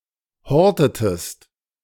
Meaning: inflection of horten: 1. second-person singular preterite 2. second-person singular subjunctive II
- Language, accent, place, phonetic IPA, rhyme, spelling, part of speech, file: German, Germany, Berlin, [ˈhɔʁtətəst], -ɔʁtətəst, hortetest, verb, De-hortetest.ogg